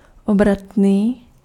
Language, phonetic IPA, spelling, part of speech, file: Czech, [ˈobratniː], obratný, adjective, Cs-obratný.ogg
- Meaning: dexterous